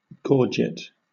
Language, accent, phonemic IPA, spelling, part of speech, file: English, Southern England, /ˈɡɔːdʒɪt/, gorget, noun, LL-Q1860 (eng)-gorget.wav
- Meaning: A piece of armour protecting the throat and/or the upper part of the chest